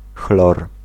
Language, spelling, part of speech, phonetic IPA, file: Polish, chlor, noun, [xlɔr], Pl-chlor.ogg